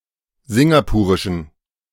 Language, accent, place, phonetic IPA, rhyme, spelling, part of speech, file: German, Germany, Berlin, [ˈzɪŋɡapuːʁɪʃn̩], -uːʁɪʃn̩, singapurischen, adjective, De-singapurischen.ogg
- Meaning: inflection of singapurisch: 1. strong genitive masculine/neuter singular 2. weak/mixed genitive/dative all-gender singular 3. strong/weak/mixed accusative masculine singular 4. strong dative plural